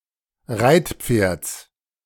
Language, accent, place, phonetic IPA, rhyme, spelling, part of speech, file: German, Germany, Berlin, [ˈʁaɪ̯tˌp͡feːɐ̯t͡s], -aɪ̯tp͡feːɐ̯t͡s, Reitpferds, noun, De-Reitpferds.ogg
- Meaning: genitive singular of Reitpferd